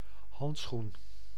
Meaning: glove (item of clothing)
- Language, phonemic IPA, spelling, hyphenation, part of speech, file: Dutch, /ˈɦɑnt.sxun/, handschoen, hand‧schoen, noun, Nl-handschoen.ogg